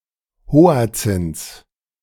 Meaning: genitive singular of Hoatzin
- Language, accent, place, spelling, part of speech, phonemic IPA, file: German, Germany, Berlin, Hoatzins, noun, /ˈhoːa̯t͡sɪns/, De-Hoatzins.ogg